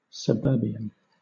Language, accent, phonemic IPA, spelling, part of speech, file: English, Southern England, /səˈbɜː(ɹ)biən/, suburbian, noun / adjective, LL-Q1860 (eng)-suburbian.wav
- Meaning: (noun) A person from the suburbs; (adjective) suburban